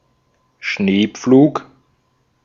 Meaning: 1. snow plow (US), snow plough (UK) 2. snowplow
- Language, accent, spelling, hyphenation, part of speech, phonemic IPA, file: German, Austria, Schneepflug, Schnee‧pflug, noun, /ˈʃneːˌpfluːk/, De-at-Schneepflug.ogg